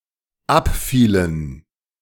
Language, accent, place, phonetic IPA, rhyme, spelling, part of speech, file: German, Germany, Berlin, [ˈapˌfiːlən], -apfiːlən, abfielen, verb, De-abfielen.ogg
- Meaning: inflection of abfallen: 1. first/third-person plural dependent preterite 2. first/third-person plural dependent subjunctive II